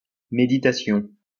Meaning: 1. meditation, mindfulness 2. deep reflection, deep thought
- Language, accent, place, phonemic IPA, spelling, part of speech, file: French, France, Lyon, /me.di.ta.sjɔ̃/, méditation, noun, LL-Q150 (fra)-méditation.wav